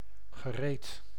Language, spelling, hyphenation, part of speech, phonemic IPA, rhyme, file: Dutch, gereed, ge‧reed, adjective / verb, /ɣəˈreːt/, -eːt, Nl-gereed.ogg
- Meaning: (adjective) 1. ready, prepared 2. done, finished, completed 3. reasonable, serious; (verb) past participle of reden